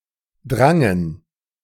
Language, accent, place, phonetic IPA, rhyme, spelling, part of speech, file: German, Germany, Berlin, [ˈdʁaŋən], -aŋən, drangen, verb, De-drangen.ogg
- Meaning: first/third-person plural preterite of dringen